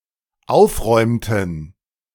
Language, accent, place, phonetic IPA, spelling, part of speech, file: German, Germany, Berlin, [ˈaʊ̯fˌʁɔɪ̯mtn̩], aufräumten, verb, De-aufräumten.ogg
- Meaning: inflection of aufräumen: 1. first/third-person plural dependent preterite 2. first/third-person plural dependent subjunctive II